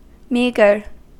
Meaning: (noun) An edible fish, of species Argyrosomus regius, of the family Sciaenidae, found from the Black Sea to the eastern Atlantic; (adjective) Having little flesh; lean; thin
- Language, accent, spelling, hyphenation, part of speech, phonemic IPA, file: English, US, meagre, mea‧gre, noun / adjective / verb, /ˈmiːɡəɹ/, En-us-meagre.ogg